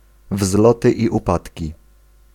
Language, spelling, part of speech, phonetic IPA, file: Polish, wzloty i upadki, phrase, [ˈvzlɔtɨ ˌi‿uˈpatʲci], Pl-wzloty i upadki.ogg